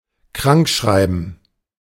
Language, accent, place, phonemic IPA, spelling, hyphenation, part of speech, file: German, Germany, Berlin, /ˈkʁaŋkˌʃʁaɪ̯bn̩/, krankschreiben, krank‧schrei‧ben, verb, De-krankschreiben.ogg
- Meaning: to write someone a sick note (to attest as a doctor that someone is sick and therefore exempt from work or education for a given time)